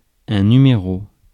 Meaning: 1. number 2. phone number 3. issue (of a publication)
- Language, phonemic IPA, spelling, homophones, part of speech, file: French, /ny.me.ʁo/, numéro, numéros / numéraux, noun, Fr-numéro.ogg